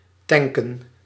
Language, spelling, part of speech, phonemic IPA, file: Dutch, tanken, verb, /ˈtɛŋkə(n)/, Nl-tanken.ogg
- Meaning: 1. to fuel (to fill a fuel tank of a vehicle) 2. to drink lots of alcohol